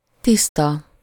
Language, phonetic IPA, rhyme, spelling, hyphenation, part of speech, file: Hungarian, [ˈtistɒ], -tɒ, tiszta, tisz‧ta, adjective / noun / adverb, Hu-tiszta.ogg
- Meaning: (adjective) 1. clean, neat, spotless, stainless 2. cleanly (person) 3. clear, plain, straightforward 4. clear, bright, sunny 5. pure, unadulterated 6. net, clear